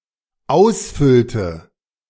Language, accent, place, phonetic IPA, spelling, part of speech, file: German, Germany, Berlin, [ˈaʊ̯sˌfʏltə], ausfüllte, verb, De-ausfüllte.ogg
- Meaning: inflection of ausfüllen: 1. first/third-person singular dependent preterite 2. first/third-person singular dependent subjunctive II